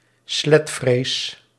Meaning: the shame or sense of guilt a woman experiences for having sexual desires, the fear in a woman of being judged for having such desires
- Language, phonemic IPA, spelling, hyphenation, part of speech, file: Dutch, /ˈslɛt.freːs/, sletvrees, slet‧vrees, noun, Nl-sletvrees.ogg